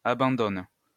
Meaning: third-person plural present indicative/subjunctive of abandonner
- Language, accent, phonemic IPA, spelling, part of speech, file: French, France, /a.bɑ̃.dɔn/, abandonnent, verb, LL-Q150 (fra)-abandonnent.wav